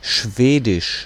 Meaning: Swedish (language)
- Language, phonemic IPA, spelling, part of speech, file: German, /ʃˈveːdɪʃ/, Schwedisch, proper noun, De-Schwedisch.ogg